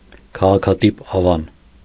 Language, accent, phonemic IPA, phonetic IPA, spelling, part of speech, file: Armenian, Eastern Armenian, /kʰɑʁɑkʰɑˈtip ɑˈvɑn/, [kʰɑʁɑkʰɑtíp ɑvɑ́n], քաղաքատիպ ավան, noun, Hy-քաղաքատիպ ավան.ogg
- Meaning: urban-type settlement